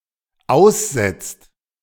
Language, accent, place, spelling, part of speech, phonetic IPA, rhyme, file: German, Germany, Berlin, aussetzt, verb, [ˈaʊ̯sˌzɛt͡st], -aʊ̯szɛt͡st, De-aussetzt.ogg
- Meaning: inflection of aussetzen: 1. second/third-person singular dependent present 2. second-person plural dependent present